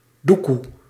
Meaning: 1. money, dough 2. fruit of the tree Lansium domesticum
- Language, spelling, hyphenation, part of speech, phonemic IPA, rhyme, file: Dutch, doekoe, doe‧koe, noun, /ˈdu.ku/, -uku, Nl-doekoe.ogg